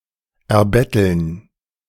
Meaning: to receive by begging
- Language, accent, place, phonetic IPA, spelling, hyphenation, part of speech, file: German, Germany, Berlin, [ɛɐ̯ˈbɛtl̩n], erbetteln, er‧bet‧teln, verb, De-erbetteln.ogg